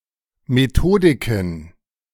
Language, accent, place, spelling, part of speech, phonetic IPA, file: German, Germany, Berlin, Methodiken, noun, [meˈtoːdɪkən], De-Methodiken.ogg
- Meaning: plural of Methodik